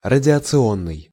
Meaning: radiation
- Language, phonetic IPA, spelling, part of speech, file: Russian, [rədʲɪət͡sɨˈonːɨj], радиационный, adjective, Ru-радиационный.ogg